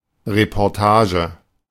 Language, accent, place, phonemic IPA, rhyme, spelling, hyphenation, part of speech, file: German, Germany, Berlin, /repɔrˈtaːʒə/, -aːʒə, Reportage, Re‧por‧ta‧ge, noun, De-Reportage.ogg
- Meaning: a report of some length and depth, including first-hand accounts, sometimes investigative